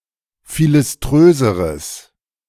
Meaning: strong/mixed nominative/accusative neuter singular comparative degree of philiströs
- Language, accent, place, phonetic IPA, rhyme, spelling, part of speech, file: German, Germany, Berlin, [ˌfilɪsˈtʁøːzəʁəs], -øːzəʁəs, philiströseres, adjective, De-philiströseres.ogg